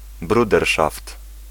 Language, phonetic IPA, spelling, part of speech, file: Polish, [bruˈdɛrʃaft], bruderszaft, noun, Pl-bruderszaft.ogg